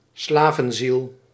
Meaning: a servile disposition/character
- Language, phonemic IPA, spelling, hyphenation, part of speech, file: Dutch, /ˈslaː.və(n)ˌzil/, slavenziel, sla‧ven‧ziel, noun, Nl-slavenziel.ogg